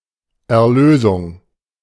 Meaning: 1. deliverance; liberation 2. deliverance; redemption; salvation (liberation from sin, its destructive power and its punishment)
- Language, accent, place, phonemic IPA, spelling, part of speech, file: German, Germany, Berlin, /ɛɐ̯ˈløːzʊŋ/, Erlösung, noun, De-Erlösung.ogg